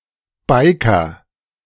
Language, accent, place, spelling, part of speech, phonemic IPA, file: German, Germany, Berlin, Biker, noun, /ˈbaɪkɐ/, De-Biker.ogg
- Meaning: 1. motorcyclist, biker (person whose lifestyle is centered on motorcycles) 2. cyclist (especially of a mountain bike)